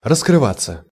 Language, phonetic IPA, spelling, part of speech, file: Russian, [rəskrɨˈvat͡sːə], раскрываться, verb, Ru-раскрываться.ogg
- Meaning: 1. to open 2. to uncover oneself 3. to come out, to come to light 4. to reveal/manifest oneself 5. to show one's cards/hand, to lay one's cards on the table 6. passive of раскрыва́ть (raskryvátʹ)